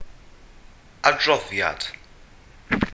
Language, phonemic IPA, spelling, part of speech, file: Welsh, /adˈrɔðjad/, adroddiad, noun, Cy-adroddiad.ogg
- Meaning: 1. report, account, record 2. recitation